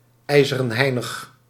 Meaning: imperturbable
- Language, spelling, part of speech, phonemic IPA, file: Dutch, ijzerenheinig, adjective, /ˌɛi̯.zə.rə(n)ˈɦɛi̯.nəx/, Nl-ijzerenheinig.ogg